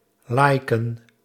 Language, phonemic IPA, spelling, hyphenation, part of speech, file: Dutch, /ˈlɑi̯.kə(n)/, liken, li‧ken, verb, Nl-liken.ogg
- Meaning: to like (on social media)